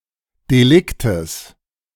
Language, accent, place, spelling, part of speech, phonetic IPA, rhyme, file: German, Germany, Berlin, Deliktes, noun, [deˈlɪktəs], -ɪktəs, De-Deliktes.ogg
- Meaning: genitive singular of Delikt